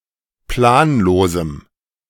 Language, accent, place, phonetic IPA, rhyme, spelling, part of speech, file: German, Germany, Berlin, [ˈplaːnˌloːzm̩], -aːnloːzm̩, planlosem, adjective, De-planlosem.ogg
- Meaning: strong dative masculine/neuter singular of planlos